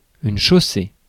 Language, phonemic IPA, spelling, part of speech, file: French, /ʃo.se/, chaussée, noun / verb, Fr-chaussée.ogg
- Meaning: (noun) 1. surface (of road) 2. carriageway, roadway 3. causeway